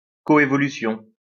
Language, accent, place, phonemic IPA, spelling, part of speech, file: French, France, Lyon, /kɔ.e.vɔ.ly.sjɔ̃/, coévolution, noun, LL-Q150 (fra)-coévolution.wav
- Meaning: coevolution